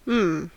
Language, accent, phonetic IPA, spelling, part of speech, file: English, General American, [m̩ː], mmm, interjection, En-us-mmm.ogg
- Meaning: 1. An emotional expression of satisfaction 2. An expression used to show thought, reflection, or confusion